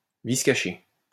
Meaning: latent defect, hidden defect
- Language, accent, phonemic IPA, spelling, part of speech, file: French, France, /vis ka.ʃe/, vice caché, noun, LL-Q150 (fra)-vice caché.wav